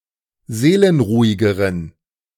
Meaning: inflection of seelenruhig: 1. strong genitive masculine/neuter singular comparative degree 2. weak/mixed genitive/dative all-gender singular comparative degree
- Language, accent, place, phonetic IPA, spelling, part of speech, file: German, Germany, Berlin, [ˈzeːlənˌʁuːɪɡəʁən], seelenruhigeren, adjective, De-seelenruhigeren.ogg